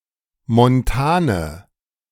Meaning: inflection of montan: 1. strong/mixed nominative/accusative feminine singular 2. strong nominative/accusative plural 3. weak nominative all-gender singular 4. weak accusative feminine/neuter singular
- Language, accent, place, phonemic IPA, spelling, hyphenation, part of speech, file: German, Germany, Berlin, /mɔnˈtaːnə/, montane, mon‧ta‧ne, adjective, De-montane.ogg